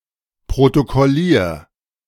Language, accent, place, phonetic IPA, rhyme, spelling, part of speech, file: German, Germany, Berlin, [pʁotokɔˈliːɐ̯], -iːɐ̯, protokollier, verb, De-protokollier.ogg
- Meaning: 1. singular imperative of protokollieren 2. first-person singular present of protokollieren